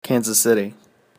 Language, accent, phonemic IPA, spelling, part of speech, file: English, US, /ˌkænzəˈsɪti/, Kansas City, proper noun, Kansascity.ogg